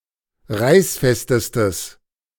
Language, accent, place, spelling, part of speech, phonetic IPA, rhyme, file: German, Germany, Berlin, reißfestestes, adjective, [ˈʁaɪ̯sˌfɛstəstəs], -aɪ̯sfɛstəstəs, De-reißfestestes.ogg
- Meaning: strong/mixed nominative/accusative neuter singular superlative degree of reißfest